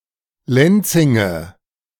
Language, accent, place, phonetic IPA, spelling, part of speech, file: German, Germany, Berlin, [ˈlɛnt͡sɪŋə], Lenzinge, noun, De-Lenzinge.ogg
- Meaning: nominative/accusative/genitive plural of Lenzing